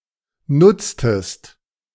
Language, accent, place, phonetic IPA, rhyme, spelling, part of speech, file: German, Germany, Berlin, [ˈnʊt͡stəst], -ʊt͡stəst, nutztest, verb, De-nutztest.ogg
- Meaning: inflection of nutzen: 1. second-person singular preterite 2. second-person singular subjunctive II